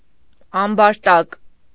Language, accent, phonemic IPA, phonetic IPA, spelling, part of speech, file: Armenian, Eastern Armenian, /ɑmbɑɾˈtɑk/, [ɑmbɑɾtɑ́k], ամբարտակ, noun, Hy-ամբարտակ.ogg
- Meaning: dam, dike, weir